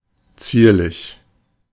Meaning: 1. delicate; petite (of bodies or objects: gracefully thin or fragile) 2. decorative; pleasing; pretty
- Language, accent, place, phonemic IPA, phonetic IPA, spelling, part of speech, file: German, Germany, Berlin, /ˈt͡siːrlɪç/, [t͡si(ː)ɐ̯lɪç], zierlich, adjective, De-zierlich.ogg